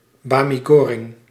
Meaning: 1. mie goreng, Indonesian-style fried noodles 2. fried noodles in general
- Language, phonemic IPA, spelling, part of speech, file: Dutch, /ˌbaː.mi ˈɡoː.rɛŋ/, bami goreng, noun, Nl-bami goreng.ogg